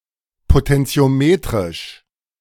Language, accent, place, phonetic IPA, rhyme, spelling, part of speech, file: German, Germany, Berlin, [potɛnt͡si̯oˈmeːtʁɪʃ], -eːtʁɪʃ, potentiometrisch, adjective, De-potentiometrisch.ogg
- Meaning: potentiometric